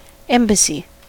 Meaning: The function or duty of an ambassador
- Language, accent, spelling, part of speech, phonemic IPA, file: English, US, embassy, noun, /ˈɛmbəsi/, En-us-embassy.ogg